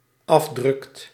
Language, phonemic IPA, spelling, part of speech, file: Dutch, /ˈɑvdrʏkt/, afdrukt, verb, Nl-afdrukt.ogg
- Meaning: second/third-person singular dependent-clause present indicative of afdrukken